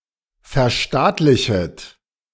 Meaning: second-person plural subjunctive I of verstaatlichen
- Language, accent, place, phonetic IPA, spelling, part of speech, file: German, Germany, Berlin, [fɛɐ̯ˈʃtaːtlɪçət], verstaatlichet, verb, De-verstaatlichet.ogg